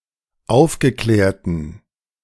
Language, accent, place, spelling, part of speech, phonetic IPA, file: German, Germany, Berlin, aufgeklärten, adjective, [ˈaʊ̯fɡəˌklɛːɐ̯tn̩], De-aufgeklärten.ogg
- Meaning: inflection of aufgeklärt: 1. strong genitive masculine/neuter singular 2. weak/mixed genitive/dative all-gender singular 3. strong/weak/mixed accusative masculine singular 4. strong dative plural